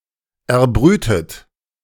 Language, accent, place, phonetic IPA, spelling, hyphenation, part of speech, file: German, Germany, Berlin, [ʔɛɐ̯ˈbʁyːtət], erbrütet, er‧brü‧tet, verb, De-erbrütet.ogg
- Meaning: 1. past participle of erbrüten 2. inflection of erbrüten: third-person singular present 3. inflection of erbrüten: second-person plural present